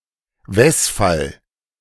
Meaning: synonym of Genitiv: genitive case
- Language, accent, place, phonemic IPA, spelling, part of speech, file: German, Germany, Berlin, /ˈvɛsfal/, Wesfall, noun, De-Wesfall.ogg